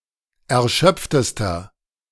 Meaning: inflection of erschöpft: 1. strong/mixed nominative masculine singular superlative degree 2. strong genitive/dative feminine singular superlative degree 3. strong genitive plural superlative degree
- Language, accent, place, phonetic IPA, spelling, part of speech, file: German, Germany, Berlin, [ɛɐ̯ˈʃœp͡ftəstɐ], erschöpftester, adjective, De-erschöpftester.ogg